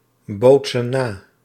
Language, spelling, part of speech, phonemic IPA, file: Dutch, bootsen na, verb, /ˈbotsə(n) ˈna/, Nl-bootsen na.ogg
- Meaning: inflection of nabootsen: 1. plural present indicative 2. plural present subjunctive